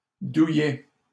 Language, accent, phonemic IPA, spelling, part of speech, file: French, Canada, /du.jɛ/, douillet, adjective, LL-Q150 (fra)-douillet.wav
- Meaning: 1. cosy, comfy, snug 2. soft, oversensitive to pain